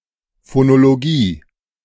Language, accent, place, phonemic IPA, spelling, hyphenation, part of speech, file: German, Germany, Berlin, /fonoloˈɡiː/, Phonologie, Pho‧no‧lo‧gie, noun, De-Phonologie.ogg
- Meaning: phonology (subfield of linguistics concerned with the way sounds function in languages)